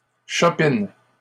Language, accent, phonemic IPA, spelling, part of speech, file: French, Canada, /ʃɔ.pin/, chopine, noun / verb, LL-Q150 (fra)-chopine.wav